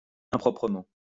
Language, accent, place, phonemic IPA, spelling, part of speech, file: French, France, Lyon, /ɛ̃.pʁɔ.pʁə.mɑ̃/, improprement, adverb, LL-Q150 (fra)-improprement.wav
- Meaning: improperly